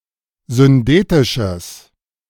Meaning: strong/mixed nominative/accusative neuter singular of syndetisch
- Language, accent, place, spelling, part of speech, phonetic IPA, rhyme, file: German, Germany, Berlin, syndetisches, adjective, [zʏnˈdeːtɪʃəs], -eːtɪʃəs, De-syndetisches.ogg